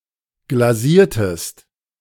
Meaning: inflection of glasieren: 1. second-person singular preterite 2. second-person singular subjunctive II
- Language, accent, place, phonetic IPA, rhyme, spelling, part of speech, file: German, Germany, Berlin, [ɡlaˈziːɐ̯təst], -iːɐ̯təst, glasiertest, verb, De-glasiertest.ogg